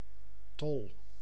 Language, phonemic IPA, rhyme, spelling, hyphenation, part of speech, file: Dutch, /tɔl/, -ɔl, tol, tol, noun, Nl-tol.ogg
- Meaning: 1. top, spinning top (a toy) 2. toll, customs (tax or fee) 3. toll, heavy burden